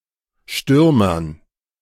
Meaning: dative plural of Stürmer
- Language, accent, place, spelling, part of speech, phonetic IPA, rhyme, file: German, Germany, Berlin, Stürmern, noun, [ˈʃtʏʁmɐn], -ʏʁmɐn, De-Stürmern.ogg